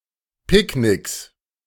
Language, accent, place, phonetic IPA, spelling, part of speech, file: German, Germany, Berlin, [ˈpɪkˌnɪks], Picknicks, noun, De-Picknicks.ogg
- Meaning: 1. genitive singular of Picknick 2. plural of Picknick